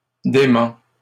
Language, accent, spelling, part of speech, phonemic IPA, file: French, Canada, dément, noun / adjective / verb, /de.mɑ̃/, LL-Q150 (fra)-dément.wav
- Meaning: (noun) One who suffers from dementia, who is insane; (adjective) 1. demented, insane, lunatic 2. Which is beyond reason, unbelievable; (verb) third-person singular present indicative of démentir